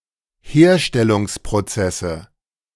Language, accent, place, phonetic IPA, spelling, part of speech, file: German, Germany, Berlin, [ˈheːɐ̯ʃtɛlʊŋspʁoˌt͡sɛsə], Herstellungsprozesse, noun, De-Herstellungsprozesse.ogg
- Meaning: nominative/accusative/genitive plural of Herstellungsprozess